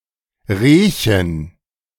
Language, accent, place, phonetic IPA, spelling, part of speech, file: German, Germany, Berlin, [ˈreː.çən], Rehchen, noun, De-Rehchen.ogg
- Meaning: diminutive of Reh